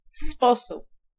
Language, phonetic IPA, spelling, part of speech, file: Polish, [ˈspɔsup], sposób, noun, Pl-sposób.ogg